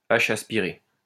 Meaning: aspirated h
- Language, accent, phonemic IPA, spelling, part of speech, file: French, France, /a.ʃ‿as.pi.ʁe/, h aspiré, noun, LL-Q150 (fra)-h aspiré.wav